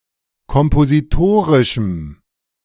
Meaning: strong dative masculine/neuter singular of kompositorisch
- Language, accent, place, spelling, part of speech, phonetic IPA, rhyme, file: German, Germany, Berlin, kompositorischem, adjective, [kɔmpoziˈtoːʁɪʃm̩], -oːʁɪʃm̩, De-kompositorischem.ogg